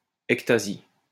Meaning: ectasis
- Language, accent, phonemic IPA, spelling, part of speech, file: French, France, /ɛk.ta.zi/, ectasie, noun, LL-Q150 (fra)-ectasie.wav